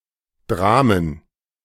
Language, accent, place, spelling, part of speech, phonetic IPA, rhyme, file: German, Germany, Berlin, Dramen, noun, [ˈdʁaːmən], -aːmən, De-Dramen.ogg
- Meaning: plural of Drama